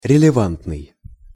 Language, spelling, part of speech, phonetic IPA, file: Russian, релевантный, adjective, [rʲɪlʲɪˈvantnɨj], Ru-релевантный.ogg
- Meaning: relevant (serving to distinguish linguistic units)